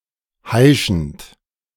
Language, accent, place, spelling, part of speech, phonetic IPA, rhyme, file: German, Germany, Berlin, heischend, verb, [ˈhaɪ̯ʃn̩t], -aɪ̯ʃn̩t, De-heischend.ogg
- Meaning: present participle of heischen